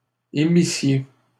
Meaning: second-person plural imperfect subjunctive of émettre
- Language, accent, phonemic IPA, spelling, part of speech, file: French, Canada, /e.mi.sje/, émissiez, verb, LL-Q150 (fra)-émissiez.wav